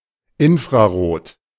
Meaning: infrared (invisible color "below red")
- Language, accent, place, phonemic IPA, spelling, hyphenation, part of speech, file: German, Germany, Berlin, /ˌɪnfʁaˈʁoːt/, infrarot, in‧f‧ra‧rot, adjective, De-infrarot.ogg